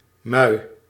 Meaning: 1. break or neck in a sandbar 2. riptide (a strong flow of water)
- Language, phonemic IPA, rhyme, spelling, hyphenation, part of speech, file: Dutch, /mœy̯/, -œy̯, mui, mui, noun, Nl-mui.ogg